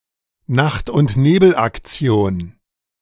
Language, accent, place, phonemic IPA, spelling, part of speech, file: German, Germany, Berlin, /ˈnaxtʔʊntˈneːbl̩ʔakˌt͡si̯oːn/, Nacht-und-Nebel-Aktion, noun, De-Nacht-und-Nebel-Aktion.ogg
- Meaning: 1. Night and Fog action 2. secret, quickly executed, but dubiously legal, police operation